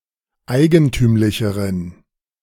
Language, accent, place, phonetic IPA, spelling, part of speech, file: German, Germany, Berlin, [ˈaɪ̯ɡənˌtyːmlɪçəʁən], eigentümlicheren, adjective, De-eigentümlicheren.ogg
- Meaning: inflection of eigentümlich: 1. strong genitive masculine/neuter singular comparative degree 2. weak/mixed genitive/dative all-gender singular comparative degree